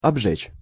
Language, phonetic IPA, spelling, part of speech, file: Russian, [ɐbˈʐɛt͡ɕ], обжечь, verb, Ru-обжечь.ogg
- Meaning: 1. to burn, to scorch 2. to fire, to burn, to calcine